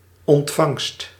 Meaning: 1. reception, welcome 2. reception, receiving of something 3. reception of a transmitted signal such as radio or television
- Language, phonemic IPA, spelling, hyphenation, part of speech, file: Dutch, /ɔntˈfɑŋst/, ontvangst, ont‧vangst, noun, Nl-ontvangst.ogg